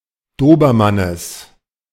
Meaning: genitive singular of Dobermann
- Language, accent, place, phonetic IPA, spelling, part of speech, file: German, Germany, Berlin, [ˈdoːbɐˌmanəs], Dobermannes, noun, De-Dobermannes.ogg